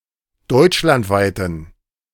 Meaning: inflection of deutschlandweit: 1. strong genitive masculine/neuter singular 2. weak/mixed genitive/dative all-gender singular 3. strong/weak/mixed accusative masculine singular 4. strong dative plural
- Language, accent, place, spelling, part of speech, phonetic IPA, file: German, Germany, Berlin, deutschlandweiten, adjective, [ˈdɔɪ̯t͡ʃlantˌvaɪ̯tn̩], De-deutschlandweiten.ogg